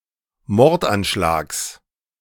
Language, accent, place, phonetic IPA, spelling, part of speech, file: German, Germany, Berlin, [ˈmɔʁtʔanˌʃlaːks], Mordanschlags, noun, De-Mordanschlags.ogg
- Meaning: genitive singular of Mordanschlag